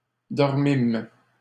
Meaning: first-person plural past historic of dormir
- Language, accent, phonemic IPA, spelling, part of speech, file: French, Canada, /dɔʁ.mim/, dormîmes, verb, LL-Q150 (fra)-dormîmes.wav